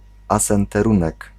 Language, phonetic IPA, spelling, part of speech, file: Polish, [ˌasɛ̃ntɛˈrũnɛk], asenterunek, noun, Pl-asenterunek.ogg